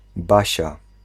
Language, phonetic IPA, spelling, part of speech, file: Polish, [ˈbaɕa], Basia, proper noun, Pl-Basia.ogg